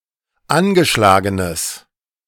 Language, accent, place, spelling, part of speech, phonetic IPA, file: German, Germany, Berlin, angeschlagenes, adjective, [ˈanɡəˌʃlaːɡənəs], De-angeschlagenes.ogg
- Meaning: strong/mixed nominative/accusative neuter singular of angeschlagen